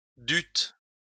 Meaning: second-person plural past historic of devoir
- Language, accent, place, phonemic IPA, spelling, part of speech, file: French, France, Lyon, /dyt/, dûtes, verb, LL-Q150 (fra)-dûtes.wav